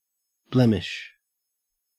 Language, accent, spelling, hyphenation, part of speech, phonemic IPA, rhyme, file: English, Australia, blemish, blem‧ish, noun / verb, /ˈblɛmɪʃ/, -ɛmɪʃ, En-au-blemish.ogg
- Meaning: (noun) 1. A small flaw which spoils the appearance of something, a stain, a spot 2. A moral defect; a character flaw; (verb) To spoil the appearance of